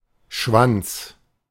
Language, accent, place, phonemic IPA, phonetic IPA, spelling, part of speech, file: German, Germany, Berlin, /ʃvan(t)s/, [ʃʋänt͡s], Schwanz, noun, De-Schwanz.ogg
- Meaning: 1. tail 2. cock, dick, penis 3. prick, dickhead